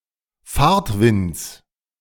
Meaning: genitive singular of Fahrtwind
- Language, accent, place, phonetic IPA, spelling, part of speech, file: German, Germany, Berlin, [ˈfaːɐ̯tˌvɪnt͡s], Fahrtwinds, noun, De-Fahrtwinds.ogg